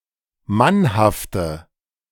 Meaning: inflection of mannhaft: 1. strong/mixed nominative/accusative feminine singular 2. strong nominative/accusative plural 3. weak nominative all-gender singular
- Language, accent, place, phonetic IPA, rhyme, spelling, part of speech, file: German, Germany, Berlin, [ˈmanhaftə], -anhaftə, mannhafte, adjective, De-mannhafte.ogg